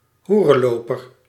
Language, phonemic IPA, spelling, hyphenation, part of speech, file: Dutch, /ˈɦu.rə(n)ˌloː.pər/, hoerenloper, hoe‧ren‧lo‧per, noun, Nl-hoerenloper.ogg
- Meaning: jockey, john (client of a prostitute)